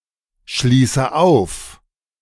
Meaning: inflection of aufschließen: 1. first-person singular present 2. first/third-person singular subjunctive I 3. singular imperative
- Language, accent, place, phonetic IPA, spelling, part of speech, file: German, Germany, Berlin, [ˌʃliːsə ˈaʊ̯f], schließe auf, verb, De-schließe auf.ogg